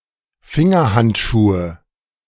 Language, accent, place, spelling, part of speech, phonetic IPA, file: German, Germany, Berlin, Fingerhandschuhe, noun, [ˈfɪŋɐˌhantʃuːə], De-Fingerhandschuhe.ogg
- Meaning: nominative/accusative/genitive plural of Fingerhandschuh